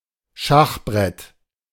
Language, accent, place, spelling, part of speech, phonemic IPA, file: German, Germany, Berlin, Schachbrett, noun, /ˈʃaxˌbʁɛt/, De-Schachbrett.ogg
- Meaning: 1. chessboard 2. synonym of Schachbrettfalter (“marbled white”), Melanargia galathea